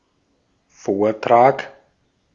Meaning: talk, lecture
- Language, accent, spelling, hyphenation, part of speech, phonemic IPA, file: German, Austria, Vortrag, Vor‧trag, noun, /ˈfoːɐ̯ˌtʁaːk/, De-at-Vortrag.ogg